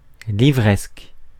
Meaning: bookish
- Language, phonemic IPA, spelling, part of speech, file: French, /li.vʁɛsk/, livresque, adjective, Fr-livresque.ogg